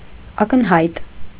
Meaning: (adjective) obvious, apparent, clear; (adverb) obviously, apparently, clearly
- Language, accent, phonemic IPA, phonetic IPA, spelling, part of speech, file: Armenian, Eastern Armenian, /ɑkənˈhɑjt/, [ɑkənhɑ́jt], ակնհայտ, adjective / adverb, Hy-ակնհայտ.ogg